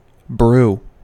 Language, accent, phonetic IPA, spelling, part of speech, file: English, US, [bɹuʊ̯], brew, verb / noun, En-us-brew.ogg
- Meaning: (verb) 1. To make tea or coffee by mixing tea leaves or coffee beans with hot water 2. To heat wine, infusing it with spices; to mull